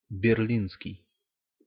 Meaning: Berlin
- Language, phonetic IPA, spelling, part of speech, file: Russian, [bʲɪrˈlʲinskʲɪj], берлинский, adjective, Ru-берлинский.ogg